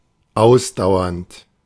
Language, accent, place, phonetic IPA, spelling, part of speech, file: German, Germany, Berlin, [ˈaʊ̯sdaʊ̯ɐnt], ausdauernd, adjective, De-ausdauernd.ogg
- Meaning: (verb) present participle of ausdauern; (adjective) persistent, tenacious, persevering